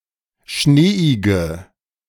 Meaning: inflection of schneeig: 1. strong/mixed nominative/accusative feminine singular 2. strong nominative/accusative plural 3. weak nominative all-gender singular
- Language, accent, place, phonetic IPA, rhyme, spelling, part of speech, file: German, Germany, Berlin, [ˈʃneːɪɡə], -eːɪɡə, schneeige, adjective, De-schneeige.ogg